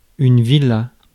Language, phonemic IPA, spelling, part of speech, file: French, /vi.la/, villa, noun, Fr-villa.ogg
- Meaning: 1. villa 2. house in the country